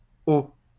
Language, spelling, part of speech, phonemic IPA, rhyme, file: French, oh, interjection, /o/, -o, LL-Q150 (fra)-oh.wav
- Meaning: oh